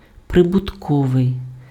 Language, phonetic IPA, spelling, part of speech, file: Ukrainian, [prebʊtˈkɔʋei̯], прибутковий, adjective, Uk-прибутковий.ogg
- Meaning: profitable, gainful, lucrative, remunerative